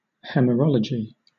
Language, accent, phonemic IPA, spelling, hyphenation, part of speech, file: English, Southern England, /hɛməˈɹɒləd͡ʒi/, hemerology, he‧mer‧o‧lo‧gy, noun, LL-Q1860 (eng)-hemerology.wav
- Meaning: The study of calendars, especially with a view to identifying propitious days